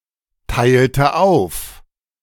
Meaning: inflection of aufteilen: 1. first/third-person singular preterite 2. first/third-person singular subjunctive II
- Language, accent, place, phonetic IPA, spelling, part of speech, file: German, Germany, Berlin, [ˌtaɪ̯ltə ˈaʊ̯f], teilte auf, verb, De-teilte auf.ogg